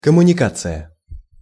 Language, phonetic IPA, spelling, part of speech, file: Russian, [kəmʊnʲɪˈkat͡sɨjə], коммуникация, noun, Ru-коммуникация.ogg
- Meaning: 1. communication 2. communication line 3. utility lines